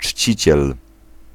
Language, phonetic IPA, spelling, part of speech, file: Polish, [ˈt͡ʃʲt͡ɕit͡ɕɛl], czciciel, noun, Pl-czciciel.ogg